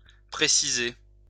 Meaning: 1. to specify 2. to clarify 3. to point out 4. to take shape, become clear
- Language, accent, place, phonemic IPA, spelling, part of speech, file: French, France, Lyon, /pʁe.si.ze/, préciser, verb, LL-Q150 (fra)-préciser.wav